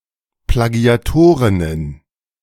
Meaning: plural of Plagiatorin
- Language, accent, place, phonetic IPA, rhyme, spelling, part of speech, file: German, Germany, Berlin, [plaˈɡi̯aˌtoʁɪnən], -oːʁɪnən, Plagiatorinnen, noun, De-Plagiatorinnen.ogg